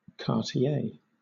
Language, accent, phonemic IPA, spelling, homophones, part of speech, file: English, Southern England, /kɑː(ɹ)tiˈeɪ/, quartier, Cartier, noun, LL-Q1860 (eng)-quartier.wav
- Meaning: A quarter or district of an urban settlement in France